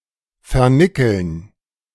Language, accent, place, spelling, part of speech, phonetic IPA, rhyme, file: German, Germany, Berlin, vernickeln, verb, [fɛɐ̯ˈnɪkl̩n], -ɪkl̩n, De-vernickeln.ogg
- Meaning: to nickel-plate